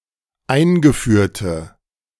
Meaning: inflection of eingeführt: 1. strong/mixed nominative/accusative feminine singular 2. strong nominative/accusative plural 3. weak nominative all-gender singular
- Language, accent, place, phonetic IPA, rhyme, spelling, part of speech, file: German, Germany, Berlin, [ˈaɪ̯nɡəˌfyːɐ̯tə], -aɪ̯nɡəfyːɐ̯tə, eingeführte, adjective, De-eingeführte.ogg